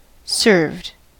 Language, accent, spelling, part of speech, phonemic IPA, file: English, US, served, verb, /sɝvd/, En-us-served.ogg
- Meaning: simple past and past participle of serve